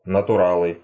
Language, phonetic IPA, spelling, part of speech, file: Russian, [nətʊˈraɫɨ], натуралы, noun, Ru-натуралы.ogg
- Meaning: nominative plural of натура́л (naturál)